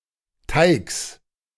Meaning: genitive singular of Teig
- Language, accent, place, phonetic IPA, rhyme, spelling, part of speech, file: German, Germany, Berlin, [taɪ̯ks], -aɪ̯ks, Teigs, noun, De-Teigs.ogg